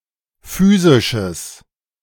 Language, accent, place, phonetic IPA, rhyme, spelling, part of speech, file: German, Germany, Berlin, [ˈfyːzɪʃəs], -yːzɪʃəs, physisches, adjective, De-physisches.ogg
- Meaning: strong/mixed nominative/accusative neuter singular of physisch